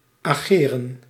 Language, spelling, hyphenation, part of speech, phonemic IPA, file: Dutch, ageren, age‧ren, verb, /aːˈɣeːrə(n)/, Nl-ageren.ogg
- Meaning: 1. to act (especially in legal proceedings) 2. to campaign, to fight